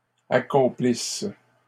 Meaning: second-person singular present/imperfect subjunctive of accomplir
- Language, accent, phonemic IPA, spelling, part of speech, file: French, Canada, /a.kɔ̃.plis/, accomplisses, verb, LL-Q150 (fra)-accomplisses.wav